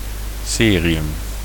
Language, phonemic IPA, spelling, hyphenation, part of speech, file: Dutch, /ˈseː.riˌʏm/, cerium, ce‧ri‧um, noun, Nl-cerium.ogg
- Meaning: cerium